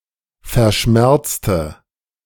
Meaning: inflection of verschmerzen: 1. first/third-person singular preterite 2. first/third-person singular subjunctive II
- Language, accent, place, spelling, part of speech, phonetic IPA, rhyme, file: German, Germany, Berlin, verschmerzte, adjective / verb, [fɛɐ̯ˈʃmɛʁt͡stə], -ɛʁt͡stə, De-verschmerzte.ogg